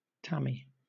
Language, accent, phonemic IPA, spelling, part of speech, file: English, Southern England, /ˈtæmi/, Tammy, proper noun, LL-Q1860 (eng)-Tammy.wav
- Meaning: A female given name popular in the 1960s and the 1970s